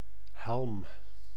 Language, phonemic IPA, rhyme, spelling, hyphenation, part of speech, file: Dutch, /ɦɛlm/, -ɛlm, helm, helm, noun, Nl-helm.ogg
- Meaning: 1. helmet, protective headwear 2. helmet above a shield 3. marram, European beachgrass (Ammophila arenaria) 4. a tiller on a vessel's rudder 5. the handle on a pounder to crush fibers in a paper mill